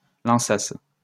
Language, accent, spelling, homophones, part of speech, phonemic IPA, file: French, France, lançasse, lançassent / lançasses, verb, /lɑ̃.sas/, LL-Q150 (fra)-lançasse.wav
- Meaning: first-person singular imperfect subjunctive of lancer